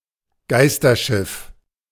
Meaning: ghost ship
- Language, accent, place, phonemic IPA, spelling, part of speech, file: German, Germany, Berlin, /ˈɡaɪ̯stɐˌʃɪf/, Geisterschiff, noun, De-Geisterschiff.ogg